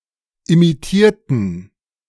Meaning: inflection of imitieren: 1. first/third-person plural preterite 2. first/third-person plural subjunctive II
- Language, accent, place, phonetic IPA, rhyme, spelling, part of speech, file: German, Germany, Berlin, [imiˈtiːɐ̯tn̩], -iːɐ̯tn̩, imitierten, adjective / verb, De-imitierten.ogg